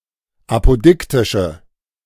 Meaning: inflection of apodiktisch: 1. strong/mixed nominative/accusative feminine singular 2. strong nominative/accusative plural 3. weak nominative all-gender singular
- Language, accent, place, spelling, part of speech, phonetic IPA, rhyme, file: German, Germany, Berlin, apodiktische, adjective, [ˌapoˈdɪktɪʃə], -ɪktɪʃə, De-apodiktische.ogg